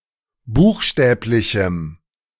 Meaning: strong dative masculine/neuter singular of buchstäblich
- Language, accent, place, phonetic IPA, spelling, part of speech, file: German, Germany, Berlin, [ˈbuːxˌʃtɛːplɪçm̩], buchstäblichem, adjective, De-buchstäblichem.ogg